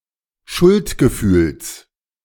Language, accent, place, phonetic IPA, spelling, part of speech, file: German, Germany, Berlin, [ˈʃʊltɡəˌfyːls], Schuldgefühls, noun, De-Schuldgefühls.ogg
- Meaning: genitive of Schuldgefühl